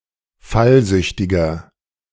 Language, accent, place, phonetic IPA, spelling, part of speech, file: German, Germany, Berlin, [ˈfalˌzʏçtɪɡɐ], fallsüchtiger, adjective, De-fallsüchtiger.ogg
- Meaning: inflection of fallsüchtig: 1. strong/mixed nominative masculine singular 2. strong genitive/dative feminine singular 3. strong genitive plural